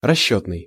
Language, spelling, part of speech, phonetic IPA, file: Russian, расчётный, adjective, [rɐˈɕːɵtnɨj], Ru-расчётный.ogg
- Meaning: 1. calculation 2. pay, payment 3. estimated